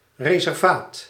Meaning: 1. a tract of land reserved for a particular purpose; a reserve or reservation 2. a distinct, isolated sector or domain
- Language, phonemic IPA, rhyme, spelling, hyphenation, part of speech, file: Dutch, /ˌreː.sɛrˈvaːt/, -aːt, reservaat, re‧ser‧vaat, noun, Nl-reservaat.ogg